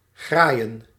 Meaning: to grab, to snatch, to grabble
- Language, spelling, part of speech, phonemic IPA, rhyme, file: Dutch, graaien, verb, /ɣraːi̯ən/, -aːi̯ən, Nl-graaien.ogg